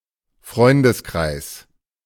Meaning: 1. circle of friends (group of people befriended among each other) 2. a person’s or couple’s friends collectively (who need not be friends among themselves)
- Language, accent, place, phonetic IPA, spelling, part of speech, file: German, Germany, Berlin, [ˈfʁɔɪ̯ndəsˌkʁaɪ̯s], Freundeskreis, noun, De-Freundeskreis.ogg